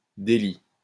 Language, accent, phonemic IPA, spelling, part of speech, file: French, France, /de.li/, délit, noun, LL-Q150 (fra)-délit.wav
- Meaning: 1. misdemeanor (a crime of a less serious nature than a felony) 2. tort (a wrongful act unrelated to a contract)